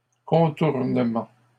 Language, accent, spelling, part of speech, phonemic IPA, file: French, Canada, contournement, noun, /kɔ̃.tuʁ.nə.mɑ̃/, LL-Q150 (fra)-contournement.wav
- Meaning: 1. bypass (road) 2. workaround (computing) 3. flashover